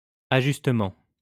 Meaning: adjustment, adjusting, tweak
- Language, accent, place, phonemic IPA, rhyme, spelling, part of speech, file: French, France, Lyon, /a.ʒys.tə.mɑ̃/, -ɑ̃, ajustement, noun, LL-Q150 (fra)-ajustement.wav